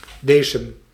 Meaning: sourdough
- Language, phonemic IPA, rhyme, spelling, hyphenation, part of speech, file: Dutch, /ˈdeː.səm/, -eːsəm, desem, de‧sem, noun, Nl-desem.ogg